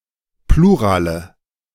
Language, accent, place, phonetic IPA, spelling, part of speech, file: German, Germany, Berlin, [ˈpluːʁaːlə], Plurale, noun, De-Plurale.ogg
- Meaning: nominative/accusative/genitive plural of Plural